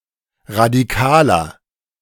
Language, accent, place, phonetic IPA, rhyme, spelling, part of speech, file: German, Germany, Berlin, [ʁadiˈkaːlɐ], -aːlɐ, radikaler, adjective, De-radikaler.ogg
- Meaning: 1. comparative degree of radikal 2. inflection of radikal: strong/mixed nominative masculine singular 3. inflection of radikal: strong genitive/dative feminine singular